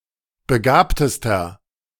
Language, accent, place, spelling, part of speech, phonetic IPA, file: German, Germany, Berlin, begabtester, adjective, [bəˈɡaːptəstɐ], De-begabtester.ogg
- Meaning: inflection of begabt: 1. strong/mixed nominative masculine singular superlative degree 2. strong genitive/dative feminine singular superlative degree 3. strong genitive plural superlative degree